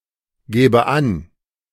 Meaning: inflection of angeben: 1. first-person singular present 2. first/third-person singular subjunctive I
- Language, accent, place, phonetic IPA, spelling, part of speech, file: German, Germany, Berlin, [ˌɡeːbə ˈan], gebe an, verb, De-gebe an.ogg